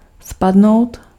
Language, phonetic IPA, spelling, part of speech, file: Czech, [ˈspadnou̯t], spadnout, verb, Cs-spadnout.ogg
- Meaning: to fall down